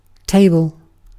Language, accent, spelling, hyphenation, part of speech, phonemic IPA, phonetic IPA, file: English, Received Pronunciation, table, ta‧ble, noun / verb, /ˈteɪbl̩/, [ˈt(ʰ)eɪbɫ̩], En-uk-table.ogg
- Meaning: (noun) Furniture with a top surface to accommodate a variety of uses.: An item of furniture with a flat top surface raised above the ground, usually on one or more legs